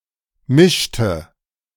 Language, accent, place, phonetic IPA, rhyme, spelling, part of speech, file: German, Germany, Berlin, [ˈmɪʃtə], -ɪʃtə, mischte, verb, De-mischte.ogg
- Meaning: inflection of mischen: 1. first/third-person singular preterite 2. first/third-person singular subjunctive II